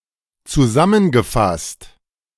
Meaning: past participle of zusammenfassen
- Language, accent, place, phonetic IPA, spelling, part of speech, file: German, Germany, Berlin, [t͡suˈzamənɡəˌfast], zusammengefasst, adjective / verb, De-zusammengefasst.ogg